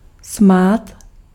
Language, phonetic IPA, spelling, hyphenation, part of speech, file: Czech, [ˈsmaːt], smát, smát, verb, Cs-smát.ogg
- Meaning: to laugh